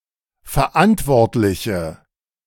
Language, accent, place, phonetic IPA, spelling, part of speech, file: German, Germany, Berlin, [fɛɐ̯ˈʔantvɔʁtlɪçə], verantwortliche, adjective, De-verantwortliche.ogg
- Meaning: inflection of verantwortlich: 1. strong/mixed nominative/accusative feminine singular 2. strong nominative/accusative plural 3. weak nominative all-gender singular